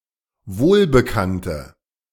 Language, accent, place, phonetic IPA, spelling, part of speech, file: German, Germany, Berlin, [ˈvoːlbəˌkantə], wohlbekannte, adjective, De-wohlbekannte.ogg
- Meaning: inflection of wohlbekannt: 1. strong/mixed nominative/accusative feminine singular 2. strong nominative/accusative plural 3. weak nominative all-gender singular